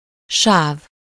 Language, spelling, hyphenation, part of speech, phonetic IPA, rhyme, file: Hungarian, sáv, sáv, noun, [ˈʃaːv], -aːv, Hu-sáv.ogg
- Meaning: 1. stripe, streak, bar, band 2. lane (lengthwise division of roadway intended for a single line of vehicles)